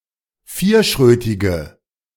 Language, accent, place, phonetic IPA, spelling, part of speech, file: German, Germany, Berlin, [ˈfiːɐ̯ˌʃʁøːtɪɡə], vierschrötige, adjective, De-vierschrötige.ogg
- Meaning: inflection of vierschrötig: 1. strong/mixed nominative/accusative feminine singular 2. strong nominative/accusative plural 3. weak nominative all-gender singular